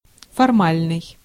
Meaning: formal
- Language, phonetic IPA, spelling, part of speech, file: Russian, [fɐrˈmalʲnɨj], формальный, adjective, Ru-формальный.ogg